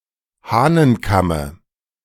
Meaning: dative singular of Hahnenkamm
- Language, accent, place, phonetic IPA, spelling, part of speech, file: German, Germany, Berlin, [ˈhaːnənˌkamə], Hahnenkamme, noun, De-Hahnenkamme.ogg